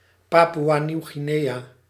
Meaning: Papua New Guinea (a country in Oceania)
- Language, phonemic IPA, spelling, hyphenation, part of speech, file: Dutch, /ˌpɑ.pu.aː.niu̯.ɣiˈneː.jaː/, Papoea-Nieuw-Guinea, Pa‧poea-‧Nieuw-‧Gu‧in‧ea, proper noun, Nl-Papoea-Nieuw-Guinea.ogg